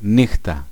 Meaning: night
- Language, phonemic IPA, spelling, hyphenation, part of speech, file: Greek, /ˈni.xta/, νύχτα, νύ‧χτα, noun, El-νύχτα.oga